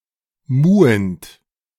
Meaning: present participle of muhen
- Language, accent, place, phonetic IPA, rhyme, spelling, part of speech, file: German, Germany, Berlin, [ˈmuːənt], -uːənt, muhend, verb, De-muhend.ogg